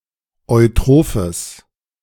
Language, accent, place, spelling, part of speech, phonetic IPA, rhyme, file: German, Germany, Berlin, eutrophes, adjective, [ɔɪ̯ˈtʁoːfəs], -oːfəs, De-eutrophes.ogg
- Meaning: strong/mixed nominative/accusative neuter singular of eutroph